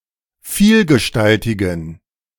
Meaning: inflection of vielgestaltig: 1. strong genitive masculine/neuter singular 2. weak/mixed genitive/dative all-gender singular 3. strong/weak/mixed accusative masculine singular 4. strong dative plural
- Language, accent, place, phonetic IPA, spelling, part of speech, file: German, Germany, Berlin, [ˈfiːlɡəˌʃtaltɪɡn̩], vielgestaltigen, adjective, De-vielgestaltigen.ogg